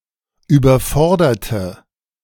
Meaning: inflection of überfordern: 1. first/third-person singular preterite 2. first/third-person singular subjunctive II
- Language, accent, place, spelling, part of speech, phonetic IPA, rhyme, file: German, Germany, Berlin, überforderte, adjective / verb, [yːbɐˈfɔʁdɐtə], -ɔʁdɐtə, De-überforderte.ogg